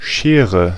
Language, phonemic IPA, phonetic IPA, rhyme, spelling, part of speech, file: German, /ˈʃeːrə/, [ˈʃeːʁə], -eːʁə, Schere, noun, De-Schere.ogg
- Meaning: 1. a pair of scissors, shears 2. a pair of pincers (on a crab) 3. a gap, especially a widening one